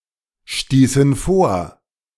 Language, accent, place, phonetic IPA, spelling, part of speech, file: German, Germany, Berlin, [ˌʃtiːsn̩ ˈfoːɐ̯], stießen vor, verb, De-stießen vor.ogg
- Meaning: inflection of vorstoßen: 1. first/third-person plural preterite 2. first/third-person plural subjunctive II